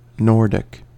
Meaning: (adjective) 1. Of or relating to the Nordic countries 2. Of or relating to the light colouring and tall stature of Nordic peoples 3. Of or relating to the family of North Germanic languages
- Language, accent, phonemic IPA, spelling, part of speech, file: English, US, /ˈnɔɹ.dɪk/, Nordic, adjective / noun, En-us-Nordic.ogg